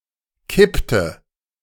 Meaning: inflection of kippen: 1. first/third-person singular preterite 2. first/third-person singular subjunctive II
- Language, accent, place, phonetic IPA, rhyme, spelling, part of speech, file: German, Germany, Berlin, [ˈkɪptə], -ɪptə, kippte, verb, De-kippte.ogg